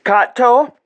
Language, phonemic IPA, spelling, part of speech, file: Interlingua, /ˈkat.to/, catto, noun, Ia-catto.ogg
- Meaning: 1. cat 2. tomcat, male cat